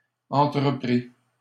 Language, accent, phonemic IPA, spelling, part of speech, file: French, Canada, /ɑ̃.tʁə.pʁi/, entrepris, verb, LL-Q150 (fra)-entrepris.wav
- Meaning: 1. past participle of entreprendre 2. masculine plural of entrepri 3. first/second-person singular past historic of entreprendre